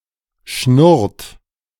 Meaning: inflection of schnurren: 1. third-person singular present 2. second-person plural present 3. plural imperative
- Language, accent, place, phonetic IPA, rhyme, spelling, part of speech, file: German, Germany, Berlin, [ʃnʊʁt], -ʊʁt, schnurrt, verb, De-schnurrt.ogg